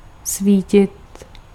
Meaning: to shine
- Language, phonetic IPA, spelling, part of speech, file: Czech, [ˈsviːcɪt], svítit, verb, Cs-svítit.ogg